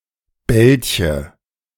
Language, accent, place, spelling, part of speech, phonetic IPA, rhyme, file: German, Germany, Berlin, Belche, noun, [ˈbɛlçə], -ɛlçə, De-Belche.ogg
- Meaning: coot